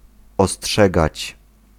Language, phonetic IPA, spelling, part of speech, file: Polish, [ɔˈsṭʃɛɡat͡ɕ], ostrzegać, verb, Pl-ostrzegać.ogg